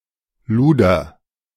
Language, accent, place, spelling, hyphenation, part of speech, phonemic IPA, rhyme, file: German, Germany, Berlin, Luder, Lu‧der, noun, /ˈluːdɐ/, -uːdɐ, De-Luder.ogg
- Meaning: 1. bait 2. hussy, slut, ho